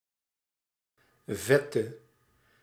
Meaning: inflection of vet: 1. masculine/feminine singular attributive 2. definite neuter singular attributive 3. plural attributive
- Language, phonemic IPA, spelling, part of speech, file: Dutch, /ˈvɛtə/, vette, adjective, Nl-vette.ogg